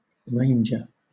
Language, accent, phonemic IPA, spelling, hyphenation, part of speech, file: English, Southern England, /ˈɹeɪ̯nd͡ʒə/, ranger, ran‧ger, noun / verb, LL-Q1860 (eng)-ranger.wav
- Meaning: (noun) 1. One who ranges; a rover 2. One who ranges; a rover.: A roving robber; one who seeks plunder